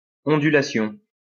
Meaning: undulation
- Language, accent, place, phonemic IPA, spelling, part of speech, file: French, France, Lyon, /ɔ̃.dy.la.sjɔ̃/, ondulation, noun, LL-Q150 (fra)-ondulation.wav